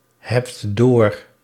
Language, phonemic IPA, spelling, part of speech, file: Dutch, /ɦɛpt/, hebt door, verb, Nl-hebt door.ogg
- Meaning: inflection of doorhebben: 1. second-person singular present indicative 2. plural imperative